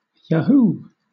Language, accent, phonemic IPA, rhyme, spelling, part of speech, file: English, Southern England, /jəˈhuː/, -uː, yahoo, interjection / verb, LL-Q1860 (eng)-yahoo.wav
- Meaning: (interjection) 1. Exclamation of joy or enjoyment 2. Battle cry; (verb) To give a cry of yahoo